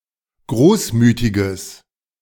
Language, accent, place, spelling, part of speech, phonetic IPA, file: German, Germany, Berlin, großmütiges, adjective, [ˈɡʁoːsˌmyːtɪɡəs], De-großmütiges.ogg
- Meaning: strong/mixed nominative/accusative neuter singular of großmütig